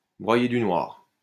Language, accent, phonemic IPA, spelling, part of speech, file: French, France, /bʁwa.je dy nwaʁ/, broyer du noir, verb, LL-Q150 (fra)-broyer du noir.wav
- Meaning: to brood (to have negative thoughts)